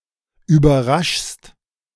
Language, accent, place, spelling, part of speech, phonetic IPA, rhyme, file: German, Germany, Berlin, überraschst, verb, [yːbɐˈʁaʃst], -aʃst, De-überraschst.ogg
- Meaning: second-person singular present of überraschen